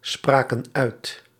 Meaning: inflection of uitspreken: 1. plural past indicative 2. plural past subjunctive
- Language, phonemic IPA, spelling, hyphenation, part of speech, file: Dutch, /ˌspraː.kə(n)ˈœy̯t/, spraken uit, spra‧ken uit, verb, Nl-spraken uit.ogg